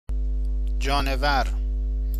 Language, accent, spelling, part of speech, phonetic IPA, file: Persian, Iran, جانور, noun, [d͡ʒɒːɱ.vǽɹ], Fa-جانور.ogg
- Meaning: animal